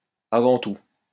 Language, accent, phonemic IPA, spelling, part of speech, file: French, France, /a.vɑ̃ tu/, avant tout, adverb, LL-Q150 (fra)-avant tout.wav
- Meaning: 1. first and foremost, chiefly 2. first of all, before all else, first